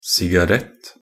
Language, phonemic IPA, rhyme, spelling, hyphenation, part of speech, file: Norwegian Bokmål, /sɪɡaˈrɛt/, -ɛt, sigarett, si‧ga‧rett, noun, Nb-sigarett.ogg
- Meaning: a cigarette (tobacco or other substances, in a thin roll wrapped with paper, intended to be smoked)